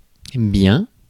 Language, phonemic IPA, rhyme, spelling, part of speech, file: French, /bjɛ̃/, -ɛ̃, bien, adjective / adverb / noun, Fr-bien.ogg
- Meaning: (adjective) 1. good, all right, great 2. good looking, nice; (adverb) 1. well 2. indeed; so 3. a lot (of) 4. very; really 5. much (more, less, better, etc.) 6. Used to confirm or ask for confirmation